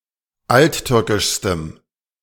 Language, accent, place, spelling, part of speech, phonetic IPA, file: German, Germany, Berlin, alttürkischstem, adjective, [ˈaltˌtʏʁkɪʃstəm], De-alttürkischstem.ogg
- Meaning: strong dative masculine/neuter singular superlative degree of alttürkisch